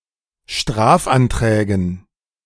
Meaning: dative plural of Strafantrag
- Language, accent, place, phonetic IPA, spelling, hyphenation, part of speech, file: German, Germany, Berlin, [ˈʃtʁaːfʔanˌtʁɛːɡn̩], Strafanträgen, Straf‧an‧trä‧gen, noun, De-Strafanträgen.ogg